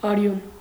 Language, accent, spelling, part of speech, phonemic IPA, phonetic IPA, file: Armenian, Eastern Armenian, արյուն, noun, /ɑˈɾjun/, [ɑɾjún], Hy-արյուն.ogg
- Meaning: 1. blood 2. slaughter